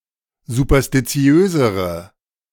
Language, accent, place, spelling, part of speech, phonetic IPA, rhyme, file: German, Germany, Berlin, superstitiösere, adjective, [zupɐstiˈt͡si̯øːzəʁə], -øːzəʁə, De-superstitiösere.ogg
- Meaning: inflection of superstitiös: 1. strong/mixed nominative/accusative feminine singular comparative degree 2. strong nominative/accusative plural comparative degree